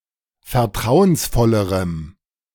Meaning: strong dative masculine/neuter singular comparative degree of vertrauensvoll
- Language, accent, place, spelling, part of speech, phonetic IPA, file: German, Germany, Berlin, vertrauensvollerem, adjective, [fɛɐ̯ˈtʁaʊ̯ənsˌfɔləʁəm], De-vertrauensvollerem.ogg